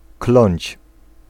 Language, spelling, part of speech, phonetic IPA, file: Polish, kląć, verb, [klɔ̃ɲt͡ɕ], Pl-kląć.ogg